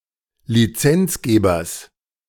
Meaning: genitive singular of Lizenzgeber
- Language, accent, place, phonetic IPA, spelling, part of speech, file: German, Germany, Berlin, [liˈt͡sɛnt͡sˌɡeːbɐs], Lizenzgebers, noun, De-Lizenzgebers.ogg